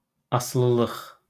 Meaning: 1. dependence 2. dependency 3. addiction
- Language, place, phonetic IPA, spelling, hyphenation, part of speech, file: Azerbaijani, Baku, [ɑsɯɫɯˈɫɯχ], asılılıq, a‧sı‧lı‧lıq, noun, LL-Q9292 (aze)-asılılıq.wav